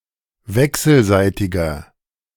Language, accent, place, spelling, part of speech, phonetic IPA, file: German, Germany, Berlin, wechselseitiger, adjective, [ˈvɛksl̩ˌzaɪ̯tɪɡɐ], De-wechselseitiger.ogg
- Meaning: inflection of wechselseitig: 1. strong/mixed nominative masculine singular 2. strong genitive/dative feminine singular 3. strong genitive plural